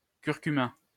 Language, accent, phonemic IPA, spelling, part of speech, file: French, France, /kyʁ.ky.ma/, curcuma, noun, LL-Q150 (fra)-curcuma.wav
- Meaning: turmeric (plant, spice)